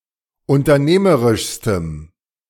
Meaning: strong dative masculine/neuter singular superlative degree of unternehmerisch
- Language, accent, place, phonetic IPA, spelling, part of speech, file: German, Germany, Berlin, [ʊntɐˈneːməʁɪʃstəm], unternehmerischstem, adjective, De-unternehmerischstem.ogg